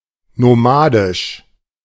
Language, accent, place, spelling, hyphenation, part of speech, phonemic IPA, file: German, Germany, Berlin, nomadisch, no‧ma‧disch, adjective, /noˈmaːdɪʃ/, De-nomadisch.ogg
- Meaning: nomadic